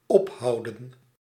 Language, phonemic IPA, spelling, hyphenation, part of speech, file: Dutch, /ˈɔpˌɦɑu̯.də(n)/, ophouden, op‧hou‧den, verb, Nl-ophouden.ogg
- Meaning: 1. to finish, end (to come to an end) 2. to cease, stop 3. to hold up, to hinder 4. to uphold, keep up, maintain